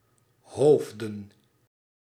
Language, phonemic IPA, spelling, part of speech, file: Dutch, /ˈɦoːvdə(n)/, hoofden, noun, Nl-hoofden.ogg
- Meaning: plural of hoofd